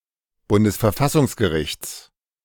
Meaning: genitive singular of Bundesverfassungsgericht
- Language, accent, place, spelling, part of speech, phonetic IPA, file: German, Germany, Berlin, Bundesverfassungsgerichts, noun, [ˈbʊndəsfɛɐ̯ˈfasʊŋsɡəˌʁɪçt͡s], De-Bundesverfassungsgerichts.ogg